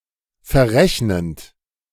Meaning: present participle of verrechnen
- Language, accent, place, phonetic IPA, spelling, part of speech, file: German, Germany, Berlin, [fɛɐ̯ˈʁɛçnənt], verrechnend, verb, De-verrechnend.ogg